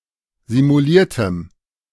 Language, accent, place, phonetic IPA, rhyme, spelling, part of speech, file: German, Germany, Berlin, [zimuˈliːɐ̯təm], -iːɐ̯təm, simuliertem, adjective, De-simuliertem.ogg
- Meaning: strong dative masculine/neuter singular of simuliert